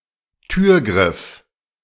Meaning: door handle, doorknob
- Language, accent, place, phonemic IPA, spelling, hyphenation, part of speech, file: German, Germany, Berlin, /ˈtyːɐ̯ˌɡʁɪf/, Türgriff, Tür‧griff, noun, De-Türgriff.ogg